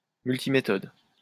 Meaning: multimethod
- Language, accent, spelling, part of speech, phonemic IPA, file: French, France, multiméthode, noun, /myl.ti.me.tɔd/, LL-Q150 (fra)-multiméthode.wav